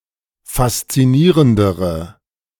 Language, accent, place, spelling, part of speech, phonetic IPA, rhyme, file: German, Germany, Berlin, faszinierendere, adjective, [fast͡siˈniːʁəndəʁə], -iːʁəndəʁə, De-faszinierendere.ogg
- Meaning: inflection of faszinierend: 1. strong/mixed nominative/accusative feminine singular comparative degree 2. strong nominative/accusative plural comparative degree